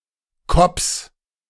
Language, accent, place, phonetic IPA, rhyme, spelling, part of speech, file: German, Germany, Berlin, [kɔps], -ɔps, Kopps, noun, De-Kopps.ogg
- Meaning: genitive singular of Kopp